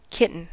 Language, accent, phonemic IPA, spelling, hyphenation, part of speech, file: English, General American, /ˈkɪtən̩/, kitten, kit‧ten, noun / verb, En-us-kitten.ogg
- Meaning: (noun) 1. A young cat, especially before sexual maturity (reached at about seven months) 2. A young rabbit, rat, hedgehog, squirrel, fox, beaver, badger, etc 3. A moth of the genus Furcula